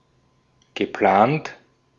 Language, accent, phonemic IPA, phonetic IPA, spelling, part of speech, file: German, Austria, /ɡəˈplaːnt/, [ɡəˈpʰlaːntʰ], geplant, verb / adjective, De-at-geplant.ogg
- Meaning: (verb) past participle of planen; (adjective) proposed, scheduled, planned